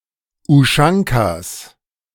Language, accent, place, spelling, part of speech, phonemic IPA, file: German, Germany, Berlin, Uschankas, noun, /ʊˈʃaŋkas/, De-Uschankas.ogg
- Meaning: plural of Uschanka